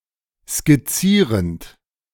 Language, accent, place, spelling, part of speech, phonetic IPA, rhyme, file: German, Germany, Berlin, skizzierend, verb, [skɪˈt͡siːʁənt], -iːʁənt, De-skizzierend.ogg
- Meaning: present participle of skizzieren